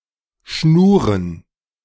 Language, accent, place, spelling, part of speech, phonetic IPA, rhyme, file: German, Germany, Berlin, Schnuren, noun, [ˈʃnuːʁən], -uːʁən, De-Schnuren.ogg
- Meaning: plural of Schnur (“sister-in-law”)